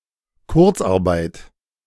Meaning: short-time working, furlough
- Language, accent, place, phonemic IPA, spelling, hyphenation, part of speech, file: German, Germany, Berlin, /ˈkʊʁt͡sˌʔaʁbaɪ̯t/, Kurzarbeit, Kurz‧ar‧beit, noun, De-Kurzarbeit.ogg